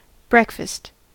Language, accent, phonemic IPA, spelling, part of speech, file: English, US, /ˈbɹeɪkˌfæst/, breakfast, noun / verb, En-us-breakfast.ogg
- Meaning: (noun) 1. The first meal of the day, usually eaten in the morning 2. A meal consisting of food normally eaten in the morning, which may typically include eggs, sausages, toast, bacon, etc